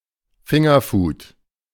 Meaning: finger food (food that can be eaten with one's hands)
- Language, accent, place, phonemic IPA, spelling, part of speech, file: German, Germany, Berlin, /ˈfɪŋɐˌfuːt/, Fingerfood, noun, De-Fingerfood.ogg